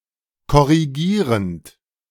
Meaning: present participle of korrigieren
- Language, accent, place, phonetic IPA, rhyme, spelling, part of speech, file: German, Germany, Berlin, [kɔʁiˈɡiːʁənt], -iːʁənt, korrigierend, verb, De-korrigierend.ogg